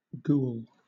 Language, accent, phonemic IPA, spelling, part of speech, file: English, Southern England, /ɡʉw(ə)l/, ghoul, noun, LL-Q1860 (eng)-ghoul.wav
- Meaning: 1. A demon said to feed on corpses 2. A graverobber 3. A person with an undue interest in death and corpses, or more generally in things that are revolting and repulsive